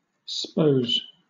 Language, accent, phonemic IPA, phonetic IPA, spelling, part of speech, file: English, Southern England, /spəʊ̯z/, [spəʊ̯z], spose, verb, LL-Q1860 (eng)-spose.wav
- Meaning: Pronunciation spelling of suppose